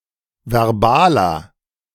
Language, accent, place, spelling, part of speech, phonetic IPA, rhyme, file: German, Germany, Berlin, verbaler, adjective, [vɛʁˈbaːlɐ], -aːlɐ, De-verbaler.ogg
- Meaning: inflection of verbal: 1. strong/mixed nominative masculine singular 2. strong genitive/dative feminine singular 3. strong genitive plural